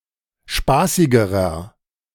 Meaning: inflection of spaßig: 1. strong/mixed nominative masculine singular comparative degree 2. strong genitive/dative feminine singular comparative degree 3. strong genitive plural comparative degree
- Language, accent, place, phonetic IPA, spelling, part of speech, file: German, Germany, Berlin, [ˈʃpaːsɪɡəʁɐ], spaßigerer, adjective, De-spaßigerer.ogg